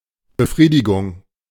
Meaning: satisfaction
- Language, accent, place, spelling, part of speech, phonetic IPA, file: German, Germany, Berlin, Befriedigung, noun, [bəˈfʁiːdɪɡʊŋ], De-Befriedigung.ogg